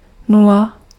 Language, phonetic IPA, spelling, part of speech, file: Czech, [ˈnula], nula, noun, Cs-nula.ogg
- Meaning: zero (cardinal for 0)